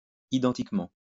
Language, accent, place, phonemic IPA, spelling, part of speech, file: French, France, Lyon, /i.dɑ̃.tik.mɑ̃/, identiquement, adverb, LL-Q150 (fra)-identiquement.wav
- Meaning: identically